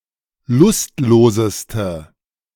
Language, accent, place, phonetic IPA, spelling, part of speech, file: German, Germany, Berlin, [ˈlʊstˌloːzəstə], lustloseste, adjective, De-lustloseste.ogg
- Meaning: inflection of lustlos: 1. strong/mixed nominative/accusative feminine singular superlative degree 2. strong nominative/accusative plural superlative degree